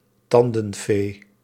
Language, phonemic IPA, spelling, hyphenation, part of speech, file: Dutch, /ˈtɑn.də(n)ˌfeː/, tandenfee, tan‧den‧fee, noun, Nl-tandenfee.ogg
- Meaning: tooth fairy (fictional milk tooth exchange/speculator)